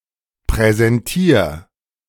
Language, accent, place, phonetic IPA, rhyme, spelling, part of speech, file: German, Germany, Berlin, [pʁɛzɛnˈtiːɐ̯], -iːɐ̯, präsentier, verb, De-präsentier.ogg
- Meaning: 1. singular imperative of präsentieren 2. first-person singular present of präsentieren